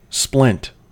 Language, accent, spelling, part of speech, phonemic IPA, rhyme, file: English, US, splint, noun / verb, /splɪnt/, -ɪnt, En-us-splint.ogg
- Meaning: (noun) 1. A narrow strip of wood split or peeled from a larger piece 2. A narrow strip of wood split or peeled from a larger piece.: A splinter caught in the skin